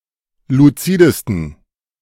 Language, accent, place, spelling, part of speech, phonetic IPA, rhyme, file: German, Germany, Berlin, luzidesten, adjective, [luˈt͡siːdəstn̩], -iːdəstn̩, De-luzidesten.ogg
- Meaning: 1. superlative degree of luzid 2. inflection of luzid: strong genitive masculine/neuter singular superlative degree